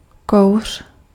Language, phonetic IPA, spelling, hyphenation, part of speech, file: Czech, [ˈkou̯r̝̊], kouř, kouř, noun, Cs-kouř.ogg
- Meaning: smoke (produced by burning material)